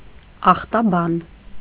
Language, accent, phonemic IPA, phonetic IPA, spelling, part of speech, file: Armenian, Eastern Armenian, /ɑχtɑˈbɑn/, [ɑχtɑbɑ́n], ախտաբան, noun, Hy-ախտաբան.ogg
- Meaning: pathologist